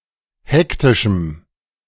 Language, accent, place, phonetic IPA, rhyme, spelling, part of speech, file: German, Germany, Berlin, [ˈhɛktɪʃm̩], -ɛktɪʃm̩, hektischem, adjective, De-hektischem.ogg
- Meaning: strong dative masculine/neuter singular of hektisch